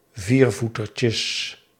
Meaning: plural of viervoetertje
- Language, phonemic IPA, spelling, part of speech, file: Dutch, /ˈvirvutərcəs/, viervoetertjes, noun, Nl-viervoetertjes.ogg